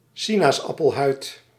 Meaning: 1. cellulitis 2. a skin afflicted by cellulitis
- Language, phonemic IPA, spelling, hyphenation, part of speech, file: Dutch, /ˈsi.naːs.ɑ.pəlˌɦœy̯t/, sinaasappelhuid, si‧naas‧ap‧pel‧huid, noun, Nl-sinaasappelhuid.ogg